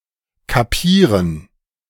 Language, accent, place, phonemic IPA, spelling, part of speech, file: German, Germany, Berlin, /kaˈpiːʁən/, kapieren, verb, De-kapieren.ogg
- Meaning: to understand intellectually; to get; to grasp